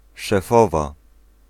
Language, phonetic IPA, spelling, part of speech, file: Polish, [ʃɛˈfɔva], szefowa, noun, Pl-szefowa.ogg